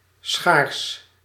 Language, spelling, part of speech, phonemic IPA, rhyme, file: Dutch, schaars, adjective, /sxaːrs/, -aːrs, Nl-schaars.ogg
- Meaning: scarce